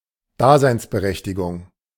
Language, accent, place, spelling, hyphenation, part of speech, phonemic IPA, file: German, Germany, Berlin, Daseinsberechtigung, Da‧seins‧be‧rech‧ti‧gung, noun, /ˈdaːzaɪ̯nsbəˌʁɛçtɪɡʊŋ/, De-Daseinsberechtigung.ogg
- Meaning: 1. entitlement to exist, right to exist 2. raison d'être